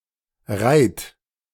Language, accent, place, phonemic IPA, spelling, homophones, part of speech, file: German, Germany, Berlin, /ʁaɪ̯t/, reit, reiht / Rheydt, verb, De-reit.ogg
- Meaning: 1. singular imperative of reiten 2. first-person singular present of reiten